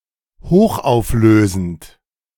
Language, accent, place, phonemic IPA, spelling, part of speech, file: German, Germany, Berlin, /ˈhoːχʔaʊ̯fˌløːzənt/, hochauflösend, adjective, De-hochauflösend.ogg
- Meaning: high-resolution